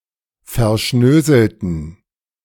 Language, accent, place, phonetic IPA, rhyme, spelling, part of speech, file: German, Germany, Berlin, [fɛɐ̯ˈʃnøːzl̩tn̩], -øːzl̩tn̩, verschnöselten, adjective, De-verschnöselten.ogg
- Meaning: inflection of verschnöselt: 1. strong genitive masculine/neuter singular 2. weak/mixed genitive/dative all-gender singular 3. strong/weak/mixed accusative masculine singular 4. strong dative plural